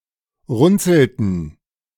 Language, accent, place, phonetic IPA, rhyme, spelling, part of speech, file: German, Germany, Berlin, [ˈʁʊnt͡sl̩tn̩], -ʊnt͡sl̩tn̩, runzelten, verb, De-runzelten.ogg
- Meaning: inflection of runzeln: 1. first/third-person plural preterite 2. first/third-person plural subjunctive II